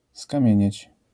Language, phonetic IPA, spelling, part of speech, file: Polish, [skãˈmʲjɛ̇̃ɲɛ̇t͡ɕ], skamienieć, verb, LL-Q809 (pol)-skamienieć.wav